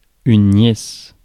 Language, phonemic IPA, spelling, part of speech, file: French, /njɛs/, nièce, noun, Fr-nièce.ogg
- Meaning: niece